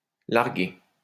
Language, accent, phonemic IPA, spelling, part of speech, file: French, France, /laʁ.ɡe/, larguer, verb, LL-Q150 (fra)-larguer.wav
- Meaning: 1. to unfurl 2. to ease (a line) 3. to drop (a bomb, parachute) 4. to ditch, dump (break up with)